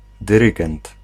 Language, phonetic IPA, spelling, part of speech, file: Polish, [dɨˈrɨɡɛ̃nt], dyrygent, noun, Pl-dyrygent.ogg